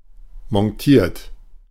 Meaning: 1. past participle of montieren 2. inflection of montieren: third-person singular present 3. inflection of montieren: second-person plural present 4. inflection of montieren: plural imperative
- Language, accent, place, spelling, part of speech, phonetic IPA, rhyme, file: German, Germany, Berlin, montiert, verb, [mɔnˈtiːɐ̯t], -iːɐ̯t, De-montiert.ogg